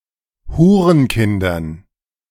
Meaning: dative plural of Hurenkind
- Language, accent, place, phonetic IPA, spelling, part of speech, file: German, Germany, Berlin, [ˈhuːʁənˌkɪndɐn], Hurenkindern, noun, De-Hurenkindern.ogg